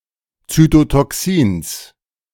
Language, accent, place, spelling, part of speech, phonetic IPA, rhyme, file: German, Germany, Berlin, Zytotoxins, noun, [ˌt͡sytotɔˈksiːns], -iːns, De-Zytotoxins.ogg
- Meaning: genitive singular of Zytotoxin